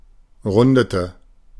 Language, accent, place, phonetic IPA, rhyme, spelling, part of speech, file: German, Germany, Berlin, [ˈʁʊndətə], -ʊndətə, rundete, verb, De-rundete.ogg
- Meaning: inflection of runden: 1. first/third-person singular preterite 2. first/third-person singular subjunctive II